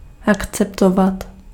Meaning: to accept (to receive officially)
- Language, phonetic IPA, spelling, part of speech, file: Czech, [ˈakt͡sɛptovat], akceptovat, verb, Cs-akceptovat.ogg